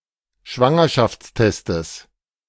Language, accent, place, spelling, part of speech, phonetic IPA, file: German, Germany, Berlin, Schwangerschaftstestes, noun, [ˈʃvaŋɐʃaft͡sˌtɛstəs], De-Schwangerschaftstestes.ogg
- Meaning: genitive singular of Schwangerschaftstest